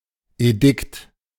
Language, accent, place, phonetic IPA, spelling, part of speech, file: German, Germany, Berlin, [eˈdɪkt], Edikt, noun, De-Edikt.ogg
- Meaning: 1. edict 2. bankruptcy proceedings